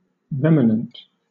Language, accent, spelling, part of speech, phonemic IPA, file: English, Southern England, remanent, adjective / noun, /ˈɹɛmənənt/, LL-Q1860 (eng)-remanent.wav
- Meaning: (adjective) 1. Remaining or persisting especially after an electrical or magnetic influence is removed 2. Additional; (noun) That which remains; a remnant; a residue